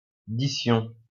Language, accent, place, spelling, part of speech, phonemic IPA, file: French, France, Lyon, dition, noun, /di.sjɔ̃/, LL-Q150 (fra)-dition.wav
- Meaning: authority (absolute)